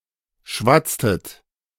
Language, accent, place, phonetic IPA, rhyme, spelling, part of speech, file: German, Germany, Berlin, [ˈʃvat͡stət], -at͡stət, schwatztet, verb, De-schwatztet.ogg
- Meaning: inflection of schwatzen: 1. second-person plural preterite 2. second-person plural subjunctive II